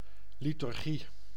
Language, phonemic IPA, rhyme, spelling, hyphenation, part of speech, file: Dutch, /ˌli.tʏrˈɣi/, -i, liturgie, li‧tur‧gie, noun, Nl-liturgie.ogg
- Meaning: a liturgy, predetermined or prescribed set of (religious) rituals and associated customs, attributes etc